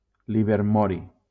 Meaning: livermorium
- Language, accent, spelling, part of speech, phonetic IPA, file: Catalan, Valencia, livermori, noun, [li.veɾˈmɔ.ɾi], LL-Q7026 (cat)-livermori.wav